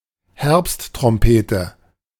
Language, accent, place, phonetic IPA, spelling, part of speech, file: German, Germany, Berlin, [ˈhɛʁpsttʁɔmpeːtə], Herbsttrompete, noun, De-Herbsttrompete.ogg
- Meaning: black chanterelle (mushroom)